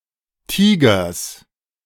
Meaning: genitive singular of Tiger
- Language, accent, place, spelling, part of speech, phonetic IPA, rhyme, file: German, Germany, Berlin, Tigers, noun, [ˈtiːɡɐs], -iːɡɐs, De-Tigers.ogg